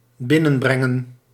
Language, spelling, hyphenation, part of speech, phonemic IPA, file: Dutch, binnenbrengen, bin‧nen‧breng‧en, verb, /ˈbɪ.nə(n)ˌbrɛ.ŋə(n)/, Nl-binnenbrengen.ogg
- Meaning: 1. to come in, to move in; to get closer 2. to bring in (to earn money for a family or company)